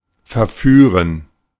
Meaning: to seduce, to debauch, to ensnare, to entrap
- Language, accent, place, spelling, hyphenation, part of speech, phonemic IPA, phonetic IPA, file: German, Germany, Berlin, verführen, ver‧füh‧ren, verb, /fɛʁˈfyːʁən/, [fɛɐ̯ˈfyːɐ̯n], De-verführen.ogg